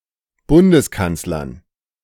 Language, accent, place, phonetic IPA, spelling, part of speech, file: German, Germany, Berlin, [ˈbʊndəsˌkant͡slɐn], Bundeskanzlern, noun, De-Bundeskanzlern.ogg
- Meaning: dative plural of Bundeskanzler